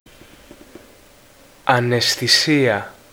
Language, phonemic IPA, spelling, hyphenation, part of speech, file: Greek, /anesθiˈsia/, αναισθησία, α‧ναι‧σθη‧σία, noun, Ell-Anaisthisia.ogg
- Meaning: 1. anaesthesia (UK), anesthesia (US), anæsthesia (obsolete) 2. insensitivity, unfeelingness